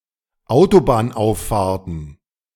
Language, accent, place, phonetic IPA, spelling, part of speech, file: German, Germany, Berlin, [ˈaʊ̯tobaːnˌʔaʊ̯ffaːɐ̯tn̩], Autobahnauffahrten, noun, De-Autobahnauffahrten.ogg
- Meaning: plural of Autobahnauffahrt